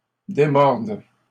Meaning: second-person singular present subjunctive of démordre
- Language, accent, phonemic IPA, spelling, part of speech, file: French, Canada, /de.mɔʁd/, démordes, verb, LL-Q150 (fra)-démordes.wav